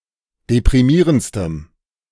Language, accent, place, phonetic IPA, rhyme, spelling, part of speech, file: German, Germany, Berlin, [depʁiˈmiːʁənt͡stəm], -iːʁənt͡stəm, deprimierendstem, adjective, De-deprimierendstem.ogg
- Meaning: strong dative masculine/neuter singular superlative degree of deprimierend